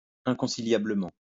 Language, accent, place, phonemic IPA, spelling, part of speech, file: French, France, Lyon, /ɛ̃.kɔ̃.si.lja.blə.mɑ̃/, inconciliablement, adverb, LL-Q150 (fra)-inconciliablement.wav
- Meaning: 1. irreconcilably 2. incompatibly